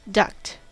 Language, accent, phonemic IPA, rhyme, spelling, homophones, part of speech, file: English, US, /dʌkt/, -ʌkt, duct, ducked, noun / verb, En-us-duct.ogg
- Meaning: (noun) A pipe, tube or canal which carries gas or liquid from one place to another